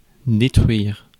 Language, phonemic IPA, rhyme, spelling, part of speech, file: French, /de.tʁɥiʁ/, -iʁ, détruire, verb, Fr-détruire.ogg
- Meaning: 1. to destroy 2. to destruct 3. to demolish